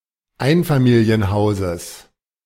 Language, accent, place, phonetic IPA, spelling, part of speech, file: German, Germany, Berlin, [ˈaɪ̯nfamiːli̯ənˌhaʊ̯zəs], Einfamilienhauses, noun, De-Einfamilienhauses.ogg
- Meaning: genitive of Einfamilienhaus